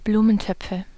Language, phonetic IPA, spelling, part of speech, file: German, [ˈbluːmənˌtœp͡fə], Blumentöpfe, noun, De-Blumentöpfe.ogg
- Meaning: nominative/accusative/genitive plural of Blumentopf